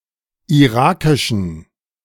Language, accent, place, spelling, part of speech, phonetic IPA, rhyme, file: German, Germany, Berlin, irakischen, adjective, [iˈʁaːkɪʃn̩], -aːkɪʃn̩, De-irakischen.ogg
- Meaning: inflection of irakisch: 1. strong genitive masculine/neuter singular 2. weak/mixed genitive/dative all-gender singular 3. strong/weak/mixed accusative masculine singular 4. strong dative plural